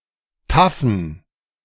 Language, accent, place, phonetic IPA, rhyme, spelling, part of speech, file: German, Germany, Berlin, [ˈtafn̩], -afn̩, taffen, adjective, De-taffen.ogg
- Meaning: inflection of taff: 1. strong genitive masculine/neuter singular 2. weak/mixed genitive/dative all-gender singular 3. strong/weak/mixed accusative masculine singular 4. strong dative plural